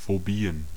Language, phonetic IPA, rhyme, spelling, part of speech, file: German, [foˈbiːən], -iːən, Phobien, noun, De-Phobien.ogg
- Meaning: plural of Phobie